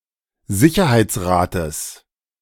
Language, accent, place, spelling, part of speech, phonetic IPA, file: German, Germany, Berlin, Sicherheitsrates, noun, [ˈzɪçɐhaɪ̯t͡sˌʁaːtəs], De-Sicherheitsrates.ogg
- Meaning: genitive singular of Sicherheitsrat